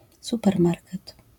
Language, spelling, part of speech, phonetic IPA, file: Polish, supermarket, noun, [ˌsupɛrˈmarkɛt], LL-Q809 (pol)-supermarket.wav